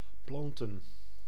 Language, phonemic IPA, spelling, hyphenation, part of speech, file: Dutch, /ˈplɑntə(n)/, planten, plan‧ten, verb / noun, Nl-planten.ogg
- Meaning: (verb) 1. to plant, place a seed or plant in suitably fertile substrate in order that it may live and grow 2. to plant an inanimated object in the soil or a hard surface, e.g. a banner